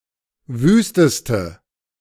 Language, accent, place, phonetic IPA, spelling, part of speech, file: German, Germany, Berlin, [ˈvyːstəstə], wüsteste, adjective, De-wüsteste.ogg
- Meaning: inflection of wüst: 1. strong/mixed nominative/accusative feminine singular superlative degree 2. strong nominative/accusative plural superlative degree